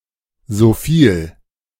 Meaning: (conjunction) as far as, so far as; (adverb) so much, so many, as much, as many
- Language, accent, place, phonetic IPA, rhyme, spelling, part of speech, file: German, Germany, Berlin, [zoˈfiːl], -iːl, soviel, conjunction, De-soviel.ogg